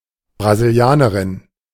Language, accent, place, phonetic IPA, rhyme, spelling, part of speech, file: German, Germany, Berlin, [bʁaziˈli̯aːnəʁɪn], -aːnəʁɪn, Brasilianerin, noun, De-Brasilianerin.ogg
- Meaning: female person from Brazil